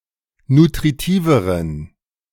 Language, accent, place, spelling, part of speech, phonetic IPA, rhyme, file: German, Germany, Berlin, nutritiveren, adjective, [nutʁiˈtiːvəʁən], -iːvəʁən, De-nutritiveren.ogg
- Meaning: inflection of nutritiv: 1. strong genitive masculine/neuter singular comparative degree 2. weak/mixed genitive/dative all-gender singular comparative degree